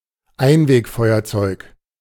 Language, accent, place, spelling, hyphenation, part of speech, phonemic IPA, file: German, Germany, Berlin, Einwegfeuerzeug, Ein‧weg‧feu‧er‧zeug, noun, /ˈaɪ̯nveːkˌfɔɪ̯ɐt͡sɔɪ̯k/, De-Einwegfeuerzeug.ogg
- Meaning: disposable lighter